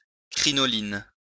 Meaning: crinoline
- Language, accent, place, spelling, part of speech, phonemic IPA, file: French, France, Lyon, crinoline, noun, /kʁi.nɔ.lin/, LL-Q150 (fra)-crinoline.wav